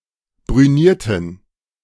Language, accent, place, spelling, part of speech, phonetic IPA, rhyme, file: German, Germany, Berlin, brünierten, adjective / verb, [bʁyˈniːɐ̯tn̩], -iːɐ̯tn̩, De-brünierten.ogg
- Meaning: inflection of brünieren: 1. first/third-person plural preterite 2. first/third-person plural subjunctive II